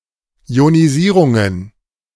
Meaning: plural of Ionisierung
- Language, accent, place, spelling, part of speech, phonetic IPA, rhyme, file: German, Germany, Berlin, Ionisierungen, noun, [i̯oniˈziːʁʊŋən], -iːʁʊŋən, De-Ionisierungen.ogg